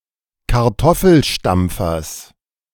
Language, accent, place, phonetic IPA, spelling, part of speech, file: German, Germany, Berlin, [kaʁˈtɔfl̩ˌʃtamp͡fɐs], Kartoffelstampfers, noun, De-Kartoffelstampfers.ogg
- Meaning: genitive of Kartoffelstampfer